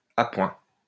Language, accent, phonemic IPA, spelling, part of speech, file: French, France, /a.pwɛ̃/, appoint, noun, LL-Q150 (fra)-appoint.wav
- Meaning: 1. an amount of small change 2. money which completes a payment, balances an account 3. complementary support